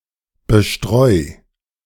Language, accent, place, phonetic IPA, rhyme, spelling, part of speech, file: German, Germany, Berlin, [bəˈʃtʁɔɪ̯], -ɔɪ̯, bestreu, verb, De-bestreu.ogg
- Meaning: 1. singular imperative of bestreuen 2. first-person singular present of bestreuen